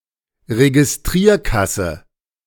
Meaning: cash register
- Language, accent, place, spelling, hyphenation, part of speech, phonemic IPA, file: German, Germany, Berlin, Registrierkasse, Re‧gis‧trier‧kas‧se, noun, /ʁeɡɪsˈtʁiːɐ̯ˌkasn̩/, De-Registrierkasse.ogg